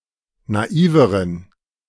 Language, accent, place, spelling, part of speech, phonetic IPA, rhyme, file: German, Germany, Berlin, naiveren, adjective, [naˈiːvəʁən], -iːvəʁən, De-naiveren.ogg
- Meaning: inflection of naiv: 1. strong genitive masculine/neuter singular comparative degree 2. weak/mixed genitive/dative all-gender singular comparative degree